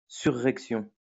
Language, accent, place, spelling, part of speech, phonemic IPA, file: French, France, Lyon, surrection, noun, /sy.ʁɛk.sjɔ̃/, LL-Q150 (fra)-surrection.wav
- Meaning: 1. upheaval 2. uplift